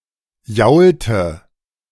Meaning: inflection of jaulen: 1. first/third-person singular preterite 2. first/third-person singular subjunctive II
- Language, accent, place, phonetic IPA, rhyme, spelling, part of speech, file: German, Germany, Berlin, [ˈjaʊ̯ltə], -aʊ̯ltə, jaulte, verb, De-jaulte.ogg